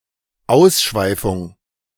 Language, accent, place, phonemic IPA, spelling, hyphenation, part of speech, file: German, Germany, Berlin, /ˈaʊ̯sˌʃvaɪ̯fʊŋ/, Ausschweifung, Aus‧schwei‧fung, noun, De-Ausschweifung.ogg
- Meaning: debauchery